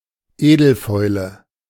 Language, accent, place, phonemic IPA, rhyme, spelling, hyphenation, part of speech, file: German, Germany, Berlin, /ˈeːdl̩ˌfɔɪ̯lə/, -ɔɪ̯lə, Edelfäule, Edel‧fäu‧le, noun, De-Edelfäule.ogg
- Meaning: noble rot